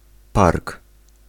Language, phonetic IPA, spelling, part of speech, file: Polish, [park], park, noun, Pl-park.ogg